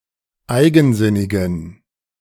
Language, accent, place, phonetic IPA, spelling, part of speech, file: German, Germany, Berlin, [ˈaɪ̯ɡn̩ˌzɪnɪɡn̩], eigensinnigen, adjective, De-eigensinnigen.ogg
- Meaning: inflection of eigensinnig: 1. strong genitive masculine/neuter singular 2. weak/mixed genitive/dative all-gender singular 3. strong/weak/mixed accusative masculine singular 4. strong dative plural